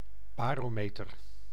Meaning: barometer
- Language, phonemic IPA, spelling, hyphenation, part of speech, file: Dutch, /ˌbaː.roːˈmeː.tər/, barometer, ba‧ro‧me‧ter, noun, Nl-barometer.ogg